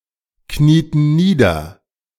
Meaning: inflection of niederknieen: 1. first/third-person plural preterite 2. first/third-person plural subjunctive II
- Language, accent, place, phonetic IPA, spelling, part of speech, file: German, Germany, Berlin, [ˌkniːtn̩ ˈniːdɐ], knieten nieder, verb, De-knieten nieder.ogg